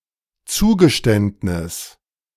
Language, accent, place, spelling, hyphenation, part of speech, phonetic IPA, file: German, Germany, Berlin, Zugeständnis, Zu‧ge‧ständ‧nis, noun, [ˈt͡suːɡəˌʃtɛntnɪs], De-Zugeständnis.ogg
- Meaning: concessions